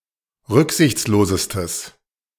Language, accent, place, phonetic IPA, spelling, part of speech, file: German, Germany, Berlin, [ˈʁʏkzɪçt͡sloːzəstəs], rücksichtslosestes, adjective, De-rücksichtslosestes.ogg
- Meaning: strong/mixed nominative/accusative neuter singular superlative degree of rücksichtslos